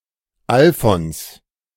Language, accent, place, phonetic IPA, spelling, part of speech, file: German, Germany, Berlin, [ˈalfɔns], Alfons, proper noun, De-Alfons.ogg
- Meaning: a male given name, equivalent to English Alfonso